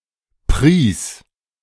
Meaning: first/third-person singular preterite of preisen
- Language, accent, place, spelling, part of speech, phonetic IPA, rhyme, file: German, Germany, Berlin, pries, verb, [pʁiːs], -iːs, De-pries.ogg